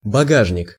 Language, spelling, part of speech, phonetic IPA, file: Russian, багажник, noun, [bɐˈɡaʐnʲɪk], Ru-багажник.ogg
- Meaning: 1. trunk (US), boot (UK) (luggage storage compartment of a sedan/saloon style car) 2. rack, carrier (of a bicycle)